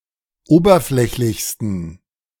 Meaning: 1. superlative degree of oberflächlich 2. inflection of oberflächlich: strong genitive masculine/neuter singular superlative degree
- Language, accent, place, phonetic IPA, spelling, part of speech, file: German, Germany, Berlin, [ˈoːbɐˌflɛçlɪçstn̩], oberflächlichsten, adjective, De-oberflächlichsten.ogg